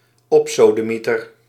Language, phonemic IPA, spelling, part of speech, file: Dutch, /ˈɔpsodəmitər/, opsodemieter, noun / verb, Nl-opsodemieter.ogg
- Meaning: first-person singular dependent-clause present indicative of opsodemieteren